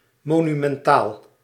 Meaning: 1. monumental; being, of or pertaining to monuments 2. monumental; grand and imposing
- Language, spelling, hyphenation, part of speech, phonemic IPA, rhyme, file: Dutch, monumentaal, mo‧nu‧men‧taal, adjective, /ˌmoː.ny.mɛnˈtaːl/, -aːl, Nl-monumentaal.ogg